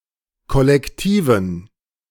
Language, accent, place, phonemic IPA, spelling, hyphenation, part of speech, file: German, Germany, Berlin, /kɔlɛkˈtiːvən/, kollektiven, kol‧lek‧ti‧ven, adjective, De-kollektiven.ogg
- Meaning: inflection of kollektiv: 1. strong genitive masculine/neuter singular 2. weak/mixed genitive/dative all-gender singular 3. strong/weak/mixed accusative masculine singular 4. strong dative plural